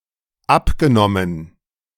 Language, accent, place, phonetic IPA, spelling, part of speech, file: German, Germany, Berlin, [ˈapɡəˌnɔmən], abgenommen, verb, De-abgenommen.ogg
- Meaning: past participle of abnehmen